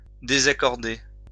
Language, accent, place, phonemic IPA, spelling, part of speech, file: French, France, Lyon, /de.za.kɔʁ.de/, désaccorder, verb, LL-Q150 (fra)-désaccorder.wav
- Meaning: 1. to disagree 2. to cause to be out of tune